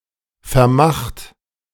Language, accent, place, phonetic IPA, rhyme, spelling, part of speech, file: German, Germany, Berlin, [fɛɐ̯ˈmaxt], -axt, vermacht, verb, De-vermacht.ogg
- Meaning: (verb) past participle of vermachen; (adjective) bequeathed; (verb) inflection of vermachen: 1. second-person plural present 2. third-person singular present 3. plural imperative